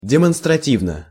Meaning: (adverb) in an emphatic manner; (adjective) short neuter singular of демонстрати́вный (demonstratívnyj)
- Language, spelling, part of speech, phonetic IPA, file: Russian, демонстративно, adverb / adjective, [dʲɪmənstrɐˈtʲivnə], Ru-демонстративно.ogg